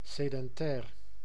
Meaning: sedentary (settled, not migratory)
- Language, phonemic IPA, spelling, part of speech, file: Dutch, /sedɛnˈtɛːr/, sedentair, adjective, Nl-sedentair.ogg